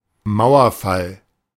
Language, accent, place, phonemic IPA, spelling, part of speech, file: German, Germany, Berlin, /ˈmaʊ̯ɐˌfal/, Mauerfall, proper noun, De-Mauerfall.ogg
- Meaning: fall of the Berlin Wall